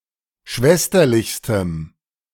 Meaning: strong dative masculine/neuter singular superlative degree of schwesterlich
- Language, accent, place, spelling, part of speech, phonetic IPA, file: German, Germany, Berlin, schwesterlichstem, adjective, [ˈʃvɛstɐlɪçstəm], De-schwesterlichstem.ogg